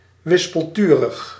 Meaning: fickle, capricious
- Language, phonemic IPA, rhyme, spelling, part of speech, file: Dutch, /ˌʋɪs.pəlˈty.rəx/, -yrəx, wispelturig, adjective, Nl-wispelturig.ogg